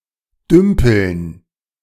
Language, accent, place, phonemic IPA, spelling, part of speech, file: German, Germany, Berlin, /ˈdʏmpəln/, dümpeln, verb, De-dümpeln.ogg
- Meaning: 1. to be tied up bobbing up and down in the water 2. to be stuck; to be inactive or unsuccessful; to make no substantial progress